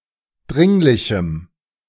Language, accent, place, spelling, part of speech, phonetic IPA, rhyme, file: German, Germany, Berlin, dringlichem, adjective, [ˈdʁɪŋlɪçm̩], -ɪŋlɪçm̩, De-dringlichem.ogg
- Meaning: strong dative masculine/neuter singular of dringlich